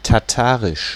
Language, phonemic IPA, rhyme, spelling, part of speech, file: German, /taˈtaʁɪʃ/, -aːʁɪʃ, Tatarisch, proper noun, De-Tatarisch.ogg
- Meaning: Tatar (language)